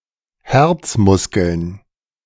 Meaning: plural of Herzmuskel
- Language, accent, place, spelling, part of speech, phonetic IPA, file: German, Germany, Berlin, Herzmuskeln, noun, [ˈhɛʁt͡sˌmʊskl̩n], De-Herzmuskeln.ogg